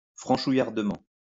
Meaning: In a typically French manner (pejoratively)
- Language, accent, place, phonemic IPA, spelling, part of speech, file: French, France, Lyon, /fʁɑ̃.ʃu.jaʁ.də.mɑ̃/, franchouillardement, adverb, LL-Q150 (fra)-franchouillardement.wav